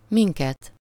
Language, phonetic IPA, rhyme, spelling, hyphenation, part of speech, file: Hungarian, [ˈmiŋkɛt], -ɛt, minket, min‧ket, pronoun, Hu-minket.ogg
- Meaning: accusative of mi (“we”): us (as the direct object of a verb)